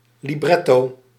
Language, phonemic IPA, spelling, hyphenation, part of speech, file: Dutch, /liˈbrɛ.toː/, libretto, li‧bret‧to, noun, Nl-libretto.ogg
- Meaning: libretto